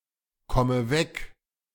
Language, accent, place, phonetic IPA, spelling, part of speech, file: German, Germany, Berlin, [ˌkɔmə ˈvɛk], komme weg, verb, De-komme weg.ogg
- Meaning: inflection of wegkommen: 1. first-person singular present 2. first/third-person singular subjunctive I 3. singular imperative